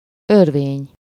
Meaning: 1. whirlpool, eddy, swirl 2. abyss, pit, chasm, gulf 3. whirl, turmoil
- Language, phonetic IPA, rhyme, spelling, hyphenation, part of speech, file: Hungarian, [ˈørveːɲ], -eːɲ, örvény, ör‧vény, noun, Hu-örvény.ogg